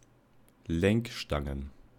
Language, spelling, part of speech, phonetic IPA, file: German, Lenkstangen, noun, [ˈlɛŋkˌʃtaŋən], De-Lenkstangen.ogg
- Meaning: plural of Lenkstange